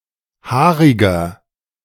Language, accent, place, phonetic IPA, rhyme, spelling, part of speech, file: German, Germany, Berlin, [ˈhaːʁɪɡɐ], -aːʁɪɡɐ, haariger, adjective, De-haariger.ogg
- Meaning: inflection of haarig: 1. strong/mixed nominative masculine singular 2. strong genitive/dative feminine singular 3. strong genitive plural